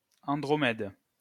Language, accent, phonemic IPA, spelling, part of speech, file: French, France, /ɑ̃.dʁɔ.mɛd/, Andromède, proper noun, LL-Q150 (fra)-Andromède.wav
- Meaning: 1. Andromeda (mythical daughter of Cepheus) 2. Andromeda